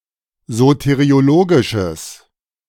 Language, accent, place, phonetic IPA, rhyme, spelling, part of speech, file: German, Germany, Berlin, [ˌzoteʁioˈloːɡɪʃəs], -oːɡɪʃəs, soteriologisches, adjective, De-soteriologisches.ogg
- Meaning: strong/mixed nominative/accusative neuter singular of soteriologisch